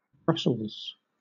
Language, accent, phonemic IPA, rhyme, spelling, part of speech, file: English, Southern England, /ˈbɹʌsəlz/, -ʌsəlz, Brussels, proper noun / noun, LL-Q1860 (eng)-Brussels.wav
- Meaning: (proper noun) 1. The capital city of Belgium. Official name: City of Brussels 2. A region of Belgium. Official name: Brussels-Capital Region 3. The administrative apparatus of the European Union